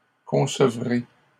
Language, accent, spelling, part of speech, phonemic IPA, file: French, Canada, concevrez, verb, /kɔ̃.sə.vʁe/, LL-Q150 (fra)-concevrez.wav
- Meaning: second-person plural future of concevoir